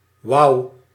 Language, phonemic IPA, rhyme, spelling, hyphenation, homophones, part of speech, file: Dutch, /ʋɑu̯/, -ɑu̯, wouw, wouw, wau / wow / wou / wauw / Wouw, noun, Nl-wouw.ogg
- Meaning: 1. a kite, certain bird of the family Accipitridae; especially of the genera Milvus, Harpagus and Haliastur 2. the plant weld (Reseda luteola)